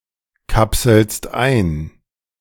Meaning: second-person singular present of einkapseln
- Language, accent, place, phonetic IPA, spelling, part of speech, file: German, Germany, Berlin, [ˌkapsl̩st ˈaɪ̯n], kapselst ein, verb, De-kapselst ein.ogg